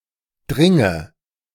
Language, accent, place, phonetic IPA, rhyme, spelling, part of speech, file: German, Germany, Berlin, [ˈdʁɪŋə], -ɪŋə, dringe, verb, De-dringe.ogg
- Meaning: inflection of dringen: 1. first-person singular present 2. first/third-person singular subjunctive I 3. singular imperative